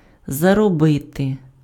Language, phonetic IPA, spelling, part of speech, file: Ukrainian, [zɐrɔˈbɪte], заробити, verb, Uk-заробити.ogg
- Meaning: to earn